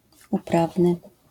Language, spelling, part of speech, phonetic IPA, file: Polish, uprawny, adjective, [uˈpravnɨ], LL-Q809 (pol)-uprawny.wav